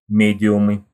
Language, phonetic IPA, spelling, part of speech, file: Russian, [ˈmʲedʲɪʊmɨ], медиумы, noun, Ru-медиумы.ogg
- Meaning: nominative plural of ме́диум (médium)